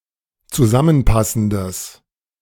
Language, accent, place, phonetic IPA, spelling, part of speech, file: German, Germany, Berlin, [t͡suˈzamənˌpasn̩dəs], zusammenpassendes, adjective, De-zusammenpassendes.ogg
- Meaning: strong/mixed nominative/accusative neuter singular of zusammenpassend